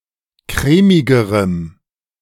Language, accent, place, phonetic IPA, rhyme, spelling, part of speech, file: German, Germany, Berlin, [ˈkʁɛːmɪɡəʁəm], -ɛːmɪɡəʁəm, crèmigerem, adjective, De-crèmigerem.ogg
- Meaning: strong dative masculine/neuter singular comparative degree of crèmig